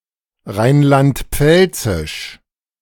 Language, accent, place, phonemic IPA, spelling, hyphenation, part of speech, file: German, Germany, Berlin, /ˈʁaɪ̯nlantˈpfɛlt͡sɪʃ/, rheinland-pfälzisch, rhein‧land-pfäl‧zisch, adjective, De-rheinland-pfälzisch.ogg
- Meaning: of Rhineland-Palatinate